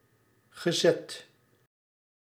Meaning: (adjective) 1. fixed, set, determined (said of mortgage terms, timeframe of a plan, etc) 2. stout, stocky; (euphemistic or ironic) obese, overweight; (verb) past participle of zetten
- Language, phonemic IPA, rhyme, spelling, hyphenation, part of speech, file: Dutch, /ɣəˈzɛt/, -ɛt, gezet, ge‧zet, adjective / verb, Nl-gezet.ogg